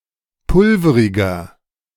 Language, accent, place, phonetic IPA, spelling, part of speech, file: German, Germany, Berlin, [ˈpʊlfəʁɪɡɐ], pulveriger, adjective, De-pulveriger.ogg
- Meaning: inflection of pulverig: 1. strong/mixed nominative masculine singular 2. strong genitive/dative feminine singular 3. strong genitive plural